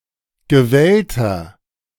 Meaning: inflection of gewellt: 1. strong/mixed nominative masculine singular 2. strong genitive/dative feminine singular 3. strong genitive plural
- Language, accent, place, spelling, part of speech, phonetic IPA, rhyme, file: German, Germany, Berlin, gewellter, adjective, [ɡəˈvɛltɐ], -ɛltɐ, De-gewellter.ogg